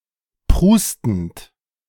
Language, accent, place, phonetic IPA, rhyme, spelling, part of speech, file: German, Germany, Berlin, [ˈpʁuːstn̩t], -uːstn̩t, prustend, verb, De-prustend.ogg
- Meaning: present participle of prusten